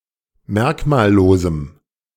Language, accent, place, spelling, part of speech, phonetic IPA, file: German, Germany, Berlin, merkmallosem, adjective, [ˈmɛʁkmaːlˌloːzm̩], De-merkmallosem.ogg
- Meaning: strong dative masculine/neuter singular of merkmallos